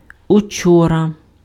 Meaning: yesterday
- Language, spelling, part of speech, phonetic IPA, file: Ukrainian, учора, adverb, [ʊˈt͡ʃɔrɐ], Uk-учора.ogg